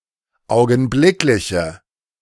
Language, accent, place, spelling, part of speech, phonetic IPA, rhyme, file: German, Germany, Berlin, augenblickliche, adjective, [ˌaʊ̯ɡn̩ˈblɪklɪçə], -ɪklɪçə, De-augenblickliche.ogg
- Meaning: inflection of augenblicklich: 1. strong/mixed nominative/accusative feminine singular 2. strong nominative/accusative plural 3. weak nominative all-gender singular